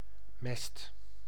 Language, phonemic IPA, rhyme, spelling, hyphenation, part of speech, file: Dutch, /mɛst/, -ɛst, mest, mest, noun, Nl-mest.ogg
- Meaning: 1. dung 2. fertilizer